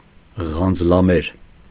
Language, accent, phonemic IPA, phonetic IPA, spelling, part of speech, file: Armenian, Eastern Armenian, /ʁɑnd͡zəlɑˈmeɾ/, [ʁɑnd͡zəlɑméɾ], ղանձլամեր, noun, Hy-ղանձլամեր.ogg
- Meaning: hellebore, Helleborus gen. et spp